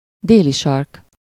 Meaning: South Pole
- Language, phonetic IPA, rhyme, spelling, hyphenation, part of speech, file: Hungarian, [ˈdeːliʃɒrk], -ɒrk, Déli-sark, Dé‧li-sark, proper noun, Hu-Déli-sark.ogg